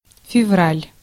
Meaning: February
- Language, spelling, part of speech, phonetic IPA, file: Russian, февраль, noun, [fʲɪˈvralʲ], Ru-февраль.ogg